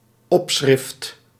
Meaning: superscription, caption
- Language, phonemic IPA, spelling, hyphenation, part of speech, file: Dutch, /ˈɔp.sxrɪft/, opschrift, op‧schrift, noun, Nl-opschrift.ogg